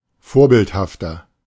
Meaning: 1. comparative degree of vorbildhaft 2. inflection of vorbildhaft: strong/mixed nominative masculine singular 3. inflection of vorbildhaft: strong genitive/dative feminine singular
- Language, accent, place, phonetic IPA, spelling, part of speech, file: German, Germany, Berlin, [ˈfoːɐ̯ˌbɪlthaftɐ], vorbildhafter, adjective, De-vorbildhafter.ogg